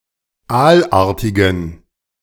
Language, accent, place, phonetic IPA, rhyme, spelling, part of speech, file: German, Germany, Berlin, [ˈaːlˌʔaːɐ̯tɪɡn̩], -aːlʔaːɐ̯tɪɡn̩, aalartigen, adjective, De-aalartigen.ogg
- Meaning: inflection of aalartig: 1. strong genitive masculine/neuter singular 2. weak/mixed genitive/dative all-gender singular 3. strong/weak/mixed accusative masculine singular 4. strong dative plural